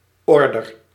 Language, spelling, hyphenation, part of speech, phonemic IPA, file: Dutch, order, or‧der, noun, /ˈɔr.dər/, Nl-order.ogg
- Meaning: 1. order (command) 2. order (request for product or service)